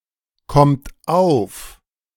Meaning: inflection of aufkommen: 1. third-person singular present 2. second-person plural present 3. plural imperative
- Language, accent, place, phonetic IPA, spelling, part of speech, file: German, Germany, Berlin, [ˌkɔmt ˈaʊ̯f], kommt auf, verb, De-kommt auf.ogg